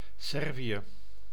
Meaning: Serbia (a country on the Balkan Peninsula in Southeastern Europe)
- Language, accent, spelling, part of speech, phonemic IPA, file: Dutch, Netherlands, Servië, proper noun, /ˈsɛr.vi.(j)ə/, Nl-Servië.ogg